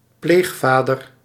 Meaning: a foster father
- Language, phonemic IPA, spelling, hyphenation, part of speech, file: Dutch, /ˈpleːxˌfaː.dər/, pleegvader, pleeg‧va‧der, noun, Nl-pleegvader.ogg